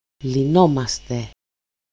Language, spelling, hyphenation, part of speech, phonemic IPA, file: Greek, λυνόμαστε, λυ‧νό‧μα‧στε, verb, /liˈnomaste/, El-λυνόμαστε.ogg
- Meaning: 1. first-person plural present passive indicative of λύνω (lýno) 2. first-person plural imperfect passive indicative of λύνω (lýno)